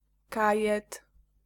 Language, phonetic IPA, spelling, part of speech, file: Polish, [ˈkajɛt], kajet, noun, Pl-kajet.ogg